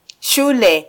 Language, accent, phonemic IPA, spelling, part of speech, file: Swahili, Kenya, /ˈʃu.lɛ/, shule, noun, Sw-ke-shule.flac
- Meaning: school